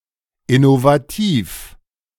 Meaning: innovative
- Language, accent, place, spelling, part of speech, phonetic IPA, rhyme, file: German, Germany, Berlin, innovativ, adjective, [ɪnovaˈtiːf], -iːf, De-innovativ.ogg